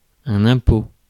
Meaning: tax
- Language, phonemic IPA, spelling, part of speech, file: French, /ɛ̃.po/, impôt, noun, Fr-impôt.ogg